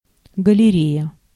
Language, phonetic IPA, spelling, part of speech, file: Russian, [ɡəlʲɪˈrʲejə], галерея, noun, Ru-галерея.ogg
- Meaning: gallery